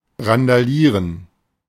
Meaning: to riot, rampage (to make noise and behave unrestrainedly, often implying property damage, sometimes also bodily harm)
- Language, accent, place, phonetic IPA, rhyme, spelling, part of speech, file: German, Germany, Berlin, [ʁandaˈliːʁən], -iːʁən, randalieren, verb, De-randalieren.ogg